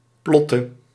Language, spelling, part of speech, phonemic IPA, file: Dutch, plotte, verb, /ˈplɔtə/, Nl-plotte.ogg
- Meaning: inflection of plotten: 1. singular past indicative 2. singular past/present subjunctive